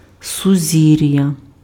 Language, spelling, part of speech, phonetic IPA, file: Ukrainian, сузір'я, noun, [sʊˈzʲirjɐ], Uk-сузір'я.ogg
- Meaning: constellation